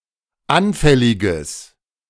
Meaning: strong/mixed nominative/accusative neuter singular of anfällig
- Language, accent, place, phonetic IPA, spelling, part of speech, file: German, Germany, Berlin, [ˈanfɛlɪɡəs], anfälliges, adjective, De-anfälliges.ogg